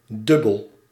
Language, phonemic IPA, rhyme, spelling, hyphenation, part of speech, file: Dutch, /ˈdʏ.bəl/, -ʏbəl, dubbel, dub‧bel, adjective, Nl-dubbel.ogg
- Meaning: 1. double, twofold 2. ambivalent 3. ambiguous